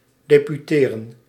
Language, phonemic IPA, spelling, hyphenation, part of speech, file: Dutch, /ˌdeː.pyˈteː.rə(n)/, deputeren, de‧pu‧te‧ren, verb, Nl-deputeren.ogg
- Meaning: to depute, to deputise